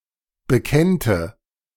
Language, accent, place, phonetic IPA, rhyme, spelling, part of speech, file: German, Germany, Berlin, [bəˈkɛntə], -ɛntə, bekennte, verb, De-bekennte.ogg
- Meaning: first/third-person singular subjunctive II of bekennen